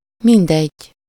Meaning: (adjective) 1. irrelevant, unimportant, all the same (to someone: -nak/-nek) 2. I don't care, I don't mind…, no matter (… whether / who / where / how etc.)
- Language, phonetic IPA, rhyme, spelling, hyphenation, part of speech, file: Hungarian, [ˈmindɛɟː], -ɛɟ, mindegy, min‧degy, adjective / interjection, Hu-mindegy.ogg